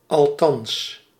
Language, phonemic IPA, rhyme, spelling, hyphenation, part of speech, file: Dutch, /ɑlˈtɑns/, -ɑns, althans, al‧thans, adverb, Nl-althans.ogg
- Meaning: 1. at least, anyway, at any rate 2. right now, now, immediately